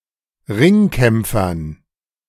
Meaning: dative plural of Ringkämpfer
- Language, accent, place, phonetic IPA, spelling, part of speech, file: German, Germany, Berlin, [ˈʁɪŋˌkɛmp͡fɐn], Ringkämpfern, noun, De-Ringkämpfern.ogg